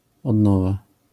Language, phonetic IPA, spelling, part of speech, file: Polish, [ɔdˈnɔva], odnowa, noun, LL-Q809 (pol)-odnowa.wav